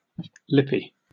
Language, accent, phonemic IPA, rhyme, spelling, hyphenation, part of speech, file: English, UK, /ˈlɪpi/, -ɪpi, lippy, lip‧py, adjective / noun, En-uk-lippy.oga
- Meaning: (adjective) 1. Having prominent lips 2. Having a tendency to talk back in a cheeky or impertinent manner; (noun) 1. Lip gloss or lipstick; (countable) a stick of this product 2. Diminutive of lip